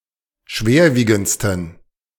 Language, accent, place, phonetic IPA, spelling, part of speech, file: German, Germany, Berlin, [ˈʃveːɐ̯ˌviːɡn̩t͡stən], schwerwiegendsten, adjective, De-schwerwiegendsten.ogg
- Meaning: 1. superlative degree of schwerwiegend 2. inflection of schwerwiegend: strong genitive masculine/neuter singular superlative degree